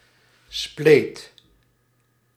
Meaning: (noun) 1. crack, cleft, split 2. fissure, slit 3. vagina 4. anus; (verb) singular past indicative of splijten
- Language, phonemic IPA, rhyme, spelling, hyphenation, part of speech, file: Dutch, /spleːt/, -eːt, spleet, spleet, noun / verb, Nl-spleet.ogg